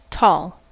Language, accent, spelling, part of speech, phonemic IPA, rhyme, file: English, US, tall, adjective / noun, /tɔl/, -ɔːl, En-us-tall.ogg